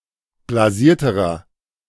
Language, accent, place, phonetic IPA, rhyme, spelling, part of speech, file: German, Germany, Berlin, [blaˈziːɐ̯təʁɐ], -iːɐ̯təʁɐ, blasierterer, adjective, De-blasierterer.ogg
- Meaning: inflection of blasiert: 1. strong/mixed nominative masculine singular comparative degree 2. strong genitive/dative feminine singular comparative degree 3. strong genitive plural comparative degree